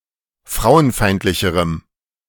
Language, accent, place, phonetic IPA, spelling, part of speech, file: German, Germany, Berlin, [ˈfʁaʊ̯ənˌfaɪ̯ntlɪçəʁəm], frauenfeindlicherem, adjective, De-frauenfeindlicherem.ogg
- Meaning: strong dative masculine/neuter singular comparative degree of frauenfeindlich